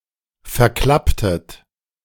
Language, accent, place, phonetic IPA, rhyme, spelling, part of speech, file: German, Germany, Berlin, [fɛɐ̯ˈklaptət], -aptət, verklapptet, verb, De-verklapptet.ogg
- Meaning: inflection of verklappen: 1. second-person plural preterite 2. second-person plural subjunctive II